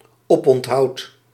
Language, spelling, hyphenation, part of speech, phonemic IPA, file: Dutch, oponthoud, op‧ont‧houd, noun, /ˈɔp.ɔntˌɦɑu̯t/, Nl-oponthoud.ogg
- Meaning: 1. delay, relent 2. lodgings, place where one resides